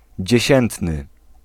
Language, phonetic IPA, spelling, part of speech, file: Polish, [d͡ʑɛ̇ˈɕɛ̃ntnɨ], dziesiętny, adjective, Pl-dziesiętny.ogg